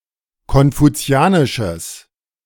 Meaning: strong/mixed nominative/accusative neuter singular of konfuzianisch
- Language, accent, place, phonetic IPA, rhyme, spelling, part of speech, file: German, Germany, Berlin, [kɔnfuˈt͡si̯aːnɪʃəs], -aːnɪʃəs, konfuzianisches, adjective, De-konfuzianisches.ogg